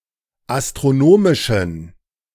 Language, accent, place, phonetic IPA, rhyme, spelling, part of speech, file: German, Germany, Berlin, [astʁoˈnoːmɪʃn̩], -oːmɪʃn̩, astronomischen, adjective, De-astronomischen.ogg
- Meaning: inflection of astronomisch: 1. strong genitive masculine/neuter singular 2. weak/mixed genitive/dative all-gender singular 3. strong/weak/mixed accusative masculine singular 4. strong dative plural